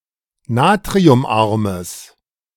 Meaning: strong/mixed nominative/accusative neuter singular of natriumarm
- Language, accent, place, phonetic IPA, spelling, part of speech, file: German, Germany, Berlin, [ˈnaːtʁiʊmˌʔaʁməs], natriumarmes, adjective, De-natriumarmes.ogg